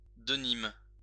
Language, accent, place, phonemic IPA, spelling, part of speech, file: French, France, Lyon, /də.nim/, denim, noun, LL-Q150 (fra)-denim.wav
- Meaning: denim